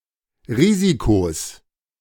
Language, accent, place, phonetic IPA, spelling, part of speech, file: German, Germany, Berlin, [ˈʁiːzikos], Risikos, noun, De-Risikos.ogg
- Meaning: 1. genitive singular of Risiko 2. plural of Risiko